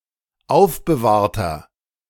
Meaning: inflection of aufbewahrt: 1. strong/mixed nominative masculine singular 2. strong genitive/dative feminine singular 3. strong genitive plural
- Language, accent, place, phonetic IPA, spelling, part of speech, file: German, Germany, Berlin, [ˈaʊ̯fbəˌvaːɐ̯tɐ], aufbewahrter, adjective, De-aufbewahrter.ogg